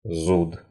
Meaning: itch (sensation felt on an area of the skin that causes a person or animal to want to scratch said area)
- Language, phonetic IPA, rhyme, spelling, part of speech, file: Russian, [zut], -ut, зуд, noun, Ru-зуд.ogg